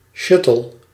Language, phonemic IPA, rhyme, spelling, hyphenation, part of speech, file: Dutch, /ˈʃʏ.təl/, -ʏtəl, shuttle, shut‧tle, noun, Nl-shuttle.ogg
- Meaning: 1. a space shuttle 2. a shuttlecock, shuttle 3. a shuttle bus